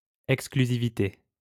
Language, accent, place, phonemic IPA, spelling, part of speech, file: French, France, Lyon, /ɛk.skly.zi.vi.te/, exclusivité, noun, LL-Q150 (fra)-exclusivité.wav
- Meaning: 1. exclusiveness 2. exclusive